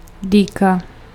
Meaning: dagger (stabbing weapon)
- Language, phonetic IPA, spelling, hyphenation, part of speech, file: Czech, [ˈdiːka], dýka, dý‧ka, noun, Cs-dýka.ogg